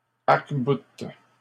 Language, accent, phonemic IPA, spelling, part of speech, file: French, Canada, /aʁk.but/, arcboutent, verb, LL-Q150 (fra)-arcboutent.wav
- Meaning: third-person plural present indicative/subjunctive of arcbouter